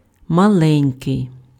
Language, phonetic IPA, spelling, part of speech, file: Ukrainian, [mɐˈɫɛnʲkei̯], маленький, adjective, Uk-маленький.ogg
- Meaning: little, small